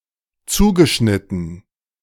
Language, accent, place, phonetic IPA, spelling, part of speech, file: German, Germany, Berlin, [ˈt͡suːɡəˌʃnɪtn̩], zugeschnitten, verb, De-zugeschnitten.ogg
- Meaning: past participle of zuschneiden